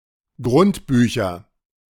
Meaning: nominative/accusative/genitive plural of Grundbuch
- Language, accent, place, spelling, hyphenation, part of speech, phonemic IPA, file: German, Germany, Berlin, Grundbücher, Grund‧bü‧cher, noun, /ɡʁʊntˈbyːçɐ/, De-Grundbücher.ogg